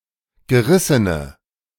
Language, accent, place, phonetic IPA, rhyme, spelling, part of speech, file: German, Germany, Berlin, [ɡəˈʁɪsənə], -ɪsənə, gerissene, adjective, De-gerissene.ogg
- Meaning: inflection of gerissen: 1. strong/mixed nominative/accusative feminine singular 2. strong nominative/accusative plural 3. weak nominative all-gender singular